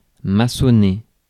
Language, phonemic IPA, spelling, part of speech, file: French, /ma.sɔ.ne/, maçonner, verb, Fr-maçonner.ogg
- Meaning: 1. to face, render (a wall, etc.) 2. to brick up